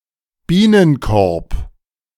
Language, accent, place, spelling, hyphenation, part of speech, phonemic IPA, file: German, Germany, Berlin, Bienenkorb, Bie‧nen‧korb, noun, /ˈbiːnənˌkɔʁp/, De-Bienenkorb.ogg
- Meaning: beehive (man-made structure in which bees are kept for their honey and/or as crop pollinators)